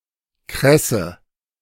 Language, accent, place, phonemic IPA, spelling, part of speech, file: German, Germany, Berlin, /ˈkʁɛsə/, Kresse, noun, De-Kresse.ogg
- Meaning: cress